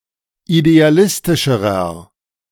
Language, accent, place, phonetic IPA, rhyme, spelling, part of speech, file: German, Germany, Berlin, [ideaˈlɪstɪʃəʁɐ], -ɪstɪʃəʁɐ, idealistischerer, adjective, De-idealistischerer.ogg
- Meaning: inflection of idealistisch: 1. strong/mixed nominative masculine singular comparative degree 2. strong genitive/dative feminine singular comparative degree 3. strong genitive plural comparative degree